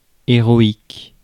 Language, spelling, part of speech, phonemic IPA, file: French, héroïque, adjective, /e.ʁɔ.ik/, Fr-héroïque.ogg
- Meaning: heroic